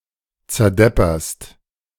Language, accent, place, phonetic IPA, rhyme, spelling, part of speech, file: German, Germany, Berlin, [t͡sɛɐ̯ˈdɛpɐst], -ɛpɐst, zerdepperst, verb, De-zerdepperst.ogg
- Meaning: second-person singular present of zerdeppern